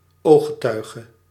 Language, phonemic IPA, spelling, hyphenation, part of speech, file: Dutch, /ˈoː.xə.tœy̯.ɣə/, ooggetuige, oog‧ge‧tui‧ge, noun, Nl-ooggetuige.ogg
- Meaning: eyewitness